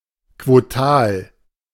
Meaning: proportionate, pro rata
- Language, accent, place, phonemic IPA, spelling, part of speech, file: German, Germany, Berlin, /kvoˈtaːl/, quotal, adjective, De-quotal.ogg